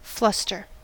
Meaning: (verb) 1. To throw (someone) into a state of confusion or panic; to befuddle, to confuse 2. To make emotionally overwhelmed or visibly embarrassed, especially in a sexual or romantic context
- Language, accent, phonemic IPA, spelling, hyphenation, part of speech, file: English, General American, /ˈflʌstəɹ/, fluster, flust‧er, verb / noun, En-us-fluster.ogg